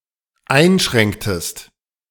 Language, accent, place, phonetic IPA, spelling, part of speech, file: German, Germany, Berlin, [ˈaɪ̯nˌʃʁɛŋktəst], einschränktest, verb, De-einschränktest.ogg
- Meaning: inflection of einschränken: 1. second-person singular dependent preterite 2. second-person singular dependent subjunctive II